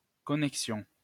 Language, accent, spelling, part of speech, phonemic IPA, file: French, France, connexion, noun, /kɔ.nɛk.sjɔ̃/, LL-Q150 (fra)-connexion.wav
- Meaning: 1. connection 2. login